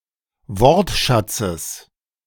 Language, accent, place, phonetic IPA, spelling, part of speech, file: German, Germany, Berlin, [ˈvɔʁtˌʃat͡səs], Wortschatzes, noun, De-Wortschatzes.ogg
- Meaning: genitive of Wortschatz